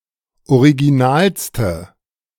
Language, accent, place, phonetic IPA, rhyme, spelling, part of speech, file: German, Germany, Berlin, [oʁiɡiˈnaːlstə], -aːlstə, originalste, adjective, De-originalste.ogg
- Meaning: inflection of original: 1. strong/mixed nominative/accusative feminine singular superlative degree 2. strong nominative/accusative plural superlative degree